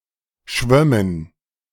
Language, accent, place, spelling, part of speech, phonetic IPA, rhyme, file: German, Germany, Berlin, schwömmen, verb, [ˈʃvœmən], -œmən, De-schwömmen.ogg
- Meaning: first-person plural subjunctive II of schwimmen